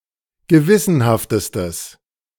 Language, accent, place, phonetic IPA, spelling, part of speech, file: German, Germany, Berlin, [ɡəˈvɪsənhaftəstəs], gewissenhaftestes, adjective, De-gewissenhaftestes.ogg
- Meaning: strong/mixed nominative/accusative neuter singular superlative degree of gewissenhaft